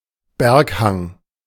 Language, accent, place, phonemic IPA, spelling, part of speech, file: German, Germany, Berlin, /ˈbɛʁkˌhaŋ/, Berghang, noun, De-Berghang.ogg
- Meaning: mountainside, mountain slope